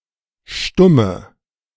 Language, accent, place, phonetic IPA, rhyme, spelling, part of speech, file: German, Germany, Berlin, [ˈʃtʊmə], -ʊmə, stumme, adjective, De-stumme.ogg
- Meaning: inflection of stumm: 1. strong/mixed nominative/accusative feminine singular 2. strong nominative/accusative plural 3. weak nominative all-gender singular 4. weak accusative feminine/neuter singular